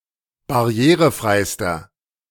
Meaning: inflection of barrierefrei: 1. strong/mixed nominative masculine singular superlative degree 2. strong genitive/dative feminine singular superlative degree 3. strong genitive plural superlative degree
- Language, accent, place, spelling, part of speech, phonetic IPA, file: German, Germany, Berlin, barrierefreister, adjective, [baˈʁi̯eːʁəˌfʁaɪ̯stɐ], De-barrierefreister.ogg